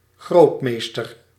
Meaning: 1. Grandmaster 2. Grand Master
- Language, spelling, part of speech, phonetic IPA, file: Dutch, grootmeester, noun, [ˈxroʊ̯tmeɪ̯stər], Nl-grootmeester.ogg